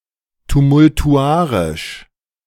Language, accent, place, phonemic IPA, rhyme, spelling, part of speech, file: German, Germany, Berlin, /tumʊltuˈʔaʁɪʃ/, -aːʁɪʃ, tumultuarisch, adjective, De-tumultuarisch.ogg
- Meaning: tumultuous